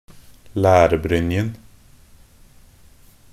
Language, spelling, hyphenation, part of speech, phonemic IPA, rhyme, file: Norwegian Bokmål, lærbrynjen, lær‧bryn‧jen, noun, /læːrbrʏnjən/, -ʏnjən, Nb-lærbrynjen.ogg
- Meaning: definite masculine singular of lærbrynje